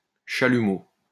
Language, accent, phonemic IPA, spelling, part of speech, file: French, France, /ʃa.ly.mo/, chalumeau, noun, LL-Q150 (fra)-chalumeau.wav
- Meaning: 1. oxy-fuel torch (usually oxy-acetylene; used for cutting, welding, etc.) 2. chalumeau 3. drinking straw